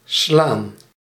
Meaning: 1. to hit, to slap 2. to beat, overcome 3. to strike 4. to pulse, beat 5. to surround with 6. to suddenly start along (of movement), to turn 7. to take one of your opponent's pieces
- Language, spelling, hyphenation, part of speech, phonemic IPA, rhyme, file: Dutch, slaan, slaan, verb, /slaːn/, -aːn, Nl-slaan.ogg